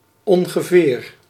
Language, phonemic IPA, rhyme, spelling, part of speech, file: Dutch, /ˌɔŋ.ɣəˈveːr/, -eːr, ongeveer, adverb, Nl-ongeveer.ogg
- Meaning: about, roughly, approximately